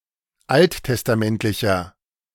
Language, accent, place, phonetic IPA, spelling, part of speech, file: German, Germany, Berlin, [ˈalttɛstaˌmɛntlɪçɐ], alttestamentlicher, adjective, De-alttestamentlicher.ogg
- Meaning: inflection of alttestamentlich: 1. strong/mixed nominative masculine singular 2. strong genitive/dative feminine singular 3. strong genitive plural